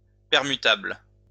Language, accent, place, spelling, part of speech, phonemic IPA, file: French, France, Lyon, permutable, adjective, /pɛʁ.my.tabl/, LL-Q150 (fra)-permutable.wav
- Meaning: permutable